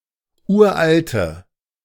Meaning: inflection of uralt: 1. strong/mixed nominative/accusative feminine singular 2. strong nominative/accusative plural 3. weak nominative all-gender singular 4. weak accusative feminine/neuter singular
- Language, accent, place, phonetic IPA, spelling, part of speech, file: German, Germany, Berlin, [ˈuːɐ̯ʔaltə], uralte, adjective, De-uralte.ogg